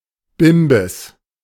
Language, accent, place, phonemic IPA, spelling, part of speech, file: German, Germany, Berlin, /ˈbɪmbəs/, Bimbes, noun, De-Bimbes.ogg
- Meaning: money